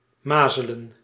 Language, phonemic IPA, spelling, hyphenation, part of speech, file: Dutch, /ˈmazələ(n)/, mazelen, ma‧ze‧len, noun / verb, Nl-mazelen.ogg
- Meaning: the acute, highly contagious viral disease measles